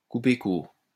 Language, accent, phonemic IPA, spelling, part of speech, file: French, France, /ku.pe kuʁ/, couper court, verb, LL-Q150 (fra)-couper court.wav
- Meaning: to shut down, to cut off